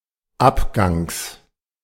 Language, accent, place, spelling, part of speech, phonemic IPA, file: German, Germany, Berlin, Abgangs, noun, /ˈʔapɡaŋs/, De-Abgangs.ogg
- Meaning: genitive singular of Abgang